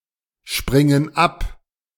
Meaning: inflection of abspringen: 1. first/third-person plural present 2. first/third-person plural subjunctive I
- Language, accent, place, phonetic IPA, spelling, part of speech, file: German, Germany, Berlin, [ˌʃpʁɪŋən ˈap], springen ab, verb, De-springen ab.ogg